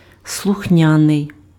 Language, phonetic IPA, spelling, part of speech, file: Ukrainian, [sɫʊxˈnʲanei̯], слухняний, adjective, Uk-слухняний.ogg
- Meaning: obedient, docile, dutiful, biddable, governable, amenable (willing to comply)